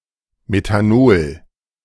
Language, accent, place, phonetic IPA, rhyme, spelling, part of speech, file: German, Germany, Berlin, [metaˈnoːl], -oːl, Methanol, noun, De-Methanol.ogg
- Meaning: methanol